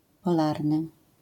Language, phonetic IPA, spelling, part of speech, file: Polish, [pɔˈlarnɨ], polarny, adjective, LL-Q809 (pol)-polarny.wav